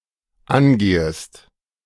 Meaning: second-person singular dependent subjunctive I of angehen
- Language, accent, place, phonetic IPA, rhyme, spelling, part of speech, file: German, Germany, Berlin, [ˈanˌɡeːəst], -anɡeːəst, angehest, verb, De-angehest.ogg